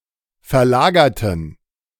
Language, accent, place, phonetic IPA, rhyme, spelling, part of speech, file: German, Germany, Berlin, [fɛɐ̯ˈlaːɡɐtn̩], -aːɡɐtn̩, verlagerten, adjective / verb, De-verlagerten.ogg
- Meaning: inflection of verlagern: 1. first/third-person plural preterite 2. first/third-person plural subjunctive II